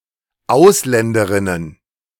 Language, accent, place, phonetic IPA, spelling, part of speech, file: German, Germany, Berlin, [ˈaʊ̯slɛndəˌʁɪnən], Ausländerinnen, noun, De-Ausländerinnen.ogg
- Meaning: plural of Ausländerin